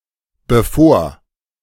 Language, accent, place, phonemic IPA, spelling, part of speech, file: German, Germany, Berlin, /bəˈfoːr/, bevor, conjunction / adverb, De-bevor.ogg
- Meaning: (conjunction) before